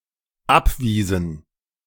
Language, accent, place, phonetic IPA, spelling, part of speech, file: German, Germany, Berlin, [ˈapˌviːzn̩], abwiesen, verb, De-abwiesen.ogg
- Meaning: inflection of abweisen: 1. first/third-person plural dependent preterite 2. first/third-person plural dependent subjunctive II